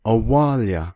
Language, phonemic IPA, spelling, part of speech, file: Navajo, /ʔɑ̀wɑ̂ːljɑ̀/, awáalya, noun, Nv-awáalya.ogg
- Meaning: jail